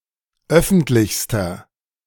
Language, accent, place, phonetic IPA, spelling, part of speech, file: German, Germany, Berlin, [ˈœfn̩tlɪçstɐ], öffentlichster, adjective, De-öffentlichster.ogg
- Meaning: inflection of öffentlich: 1. strong/mixed nominative masculine singular superlative degree 2. strong genitive/dative feminine singular superlative degree 3. strong genitive plural superlative degree